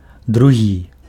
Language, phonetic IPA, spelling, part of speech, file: Belarusian, [druˈɣʲi], другі, adjective, Be-другі.ogg
- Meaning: 1. second 2. other